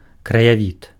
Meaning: landscape
- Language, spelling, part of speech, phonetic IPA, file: Belarusian, краявід, noun, [krajaˈvʲit], Be-краявід.ogg